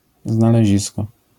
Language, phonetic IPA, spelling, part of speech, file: Polish, [ˌznalɛˈʑiskɔ], znalezisko, noun, LL-Q809 (pol)-znalezisko.wav